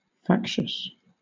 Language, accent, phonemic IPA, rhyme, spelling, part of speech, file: English, Southern England, /ˈfækʃəs/, -ækʃəs, factious, adjective, LL-Q1860 (eng)-factious.wav
- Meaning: 1. Of, pertaining to, or caused by factions 2. Given to or characterized by discordance or insubordination